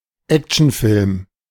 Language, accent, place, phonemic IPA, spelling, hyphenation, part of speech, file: German, Germany, Berlin, /ˈɛkt͡ʃn̩ˌfɪlm/, Actionfilm, Ac‧tion‧film, noun, De-Actionfilm.ogg
- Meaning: action film